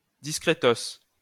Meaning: discreetly
- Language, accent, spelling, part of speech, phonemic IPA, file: French, France, discrétos, adverb, /dis.kʁe.tos/, LL-Q150 (fra)-discrétos.wav